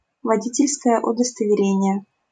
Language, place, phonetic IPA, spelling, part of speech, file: Russian, Saint Petersburg, [vɐˈdʲitʲɪlʲskəjə ʊdəstəvʲɪˈrʲenʲɪje], водительское удостоверение, noun, LL-Q7737 (rus)-водительское удостоверение.wav
- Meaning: driver's license/driver's licence (documenting permitting this person to drive)